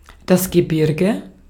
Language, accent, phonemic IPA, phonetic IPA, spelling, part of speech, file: German, Austria, /ɡəˈbɪʁɡə/, [ɡəˈbɪɐ̯ɡə], Gebirge, noun, De-at-Gebirge.ogg
- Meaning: 1. a group of mountains, mountain range, mountains 2. geographical area containing mountains